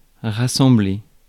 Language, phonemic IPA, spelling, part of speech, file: French, /ʁa.sɑ̃.ble/, rassembler, verb, Fr-rassembler.ogg
- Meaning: 1. to assemble 2. to gather, summon up (courage) 3. to collect 4. to gather together, congregate